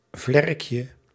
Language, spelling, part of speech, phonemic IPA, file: Dutch, vlerkje, noun, /ˈvlɛrᵊkjə/, Nl-vlerkje.ogg
- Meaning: diminutive of vlerk